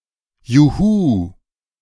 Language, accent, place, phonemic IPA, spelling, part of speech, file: German, Germany, Berlin, /juˈhuː/, juhu, interjection, De-juhu.ogg
- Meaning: yay; yahoo; woohoo (expression of joy)